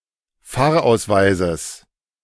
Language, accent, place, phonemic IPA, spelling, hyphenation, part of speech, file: German, Germany, Berlin, /ˈfaːɐ̯ˌaʊ̯svaɪzəs/, Fahrausweises, Fahr‧aus‧wei‧ses, noun, De-Fahrausweises.ogg
- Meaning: genitive singular of Fahrausweis